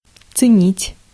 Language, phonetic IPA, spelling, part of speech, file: Russian, [t͡sɨˈnʲitʲ], ценить, verb, Ru-ценить.ogg
- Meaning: to appreciate (to value highly)